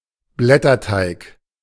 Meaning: puff pastry (light, flaky pastry)
- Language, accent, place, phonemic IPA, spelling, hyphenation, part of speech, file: German, Germany, Berlin, /ˈblɛtɐˌtaɪk/, Blätterteig, Blät‧ter‧teig, noun, De-Blätterteig.ogg